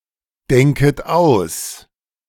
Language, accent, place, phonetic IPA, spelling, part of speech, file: German, Germany, Berlin, [ˌdɛŋkət ˈaʊ̯s], denket aus, verb, De-denket aus.ogg
- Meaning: second-person plural subjunctive I of ausdenken